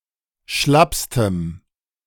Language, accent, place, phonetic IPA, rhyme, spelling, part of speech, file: German, Germany, Berlin, [ˈʃlapstəm], -apstəm, schlappstem, adjective, De-schlappstem.ogg
- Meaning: strong dative masculine/neuter singular superlative degree of schlapp